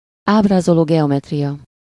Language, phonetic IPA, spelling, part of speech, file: Hungarian, [ˈaːbraːzoloː ˌɡɛomɛtrijɒ], ábrázoló geometria, noun, Hu-ábrázoló geometria.ogg
- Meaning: descriptive geometry (branch of geometry)